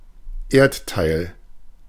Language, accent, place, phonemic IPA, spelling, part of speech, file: German, Germany, Berlin, /ˈʔeːɐ̯tˌtaɪ̯l/, Erdteil, noun, De-Erdteil.ogg
- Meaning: continent (large contiguous landmass)